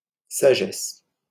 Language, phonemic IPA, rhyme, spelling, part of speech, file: French, /sa.ʒɛs/, -ɛs, sagesse, noun, LL-Q150 (fra)-sagesse.wav
- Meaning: 1. wisdom, reason, sense 2. prudence 3. foresight